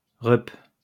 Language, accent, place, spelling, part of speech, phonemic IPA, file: French, France, Lyon, reup, noun, /ʁœp/, LL-Q150 (fra)-reup.wav
- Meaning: father